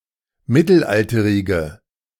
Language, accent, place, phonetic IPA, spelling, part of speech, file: German, Germany, Berlin, [ˈmɪtl̩ˌʔaltəʁɪɡə], mittelalterige, adjective, De-mittelalterige.ogg
- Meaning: inflection of mittelalterig: 1. strong/mixed nominative/accusative feminine singular 2. strong nominative/accusative plural 3. weak nominative all-gender singular